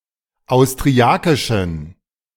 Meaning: inflection of austriakisch: 1. strong genitive masculine/neuter singular 2. weak/mixed genitive/dative all-gender singular 3. strong/weak/mixed accusative masculine singular 4. strong dative plural
- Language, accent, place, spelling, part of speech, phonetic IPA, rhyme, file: German, Germany, Berlin, austriakischen, adjective, [aʊ̯stʁiˈakɪʃn̩], -akɪʃn̩, De-austriakischen.ogg